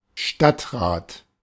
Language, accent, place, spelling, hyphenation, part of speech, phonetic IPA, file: German, Germany, Berlin, Stadtrat, Stadt‧rat, noun, [ˈʃtatˌʁaːt], De-Stadtrat.ogg
- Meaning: 1. city council 2. councilman, a male member of a city council